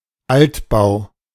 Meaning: old building
- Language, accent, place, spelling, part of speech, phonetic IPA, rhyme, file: German, Germany, Berlin, Altbau, noun, [ˈaltˌbaʊ̯], -altbaʊ̯, De-Altbau.ogg